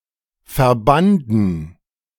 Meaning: first/third-person plural preterite of verbinden
- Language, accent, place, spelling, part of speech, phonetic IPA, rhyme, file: German, Germany, Berlin, verbanden, verb, [fɛɐ̯ˈbandn̩], -andn̩, De-verbanden.ogg